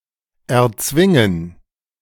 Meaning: to force (cause to occur, overcoming resistance)
- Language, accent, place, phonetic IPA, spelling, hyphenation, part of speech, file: German, Germany, Berlin, [ʔɛɐ̯ˈtsvɪŋən], erzwingen, er‧zwin‧gen, verb, De-erzwingen.ogg